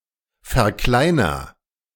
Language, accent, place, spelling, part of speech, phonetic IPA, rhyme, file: German, Germany, Berlin, verkleiner, verb, [fɛɐ̯ˈklaɪ̯nɐ], -aɪ̯nɐ, De-verkleiner.ogg
- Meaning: inflection of verkleinern: 1. first-person singular present 2. singular imperative